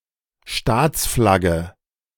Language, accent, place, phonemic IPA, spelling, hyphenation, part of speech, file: German, Germany, Berlin, /ˈʃtaːt͡sˌflaɡə/, Staatsflagge, Staats‧flag‧ge, noun, De-Staatsflagge.ogg
- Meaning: state flag